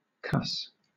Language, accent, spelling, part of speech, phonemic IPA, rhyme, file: English, Southern England, cuss, verb / noun, /kʌs/, -ʌs, LL-Q1860 (eng)-cuss.wav
- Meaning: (verb) To use cursing, to use bad language, to speak profanely; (noun) 1. A curse 2. A curse word 3. Fellow, person 4. A fellow, person